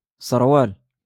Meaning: pants, trousers
- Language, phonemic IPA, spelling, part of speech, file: Moroccan Arabic, /sar.waːl/, سروال, noun, LL-Q56426 (ary)-سروال.wav